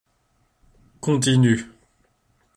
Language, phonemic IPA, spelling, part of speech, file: French, /kɔ̃.ti.ny/, continu, adjective, Fr-continu.ogg
- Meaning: continuous, uninterrupted